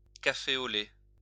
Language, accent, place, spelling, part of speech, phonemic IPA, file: French, France, Lyon, café au lait, noun / adjective, /ka.fe o lɛ/, LL-Q150 (fra)-café au lait.wav
- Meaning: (noun) white coffee, coffee with milk; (adjective) light brown, café au lait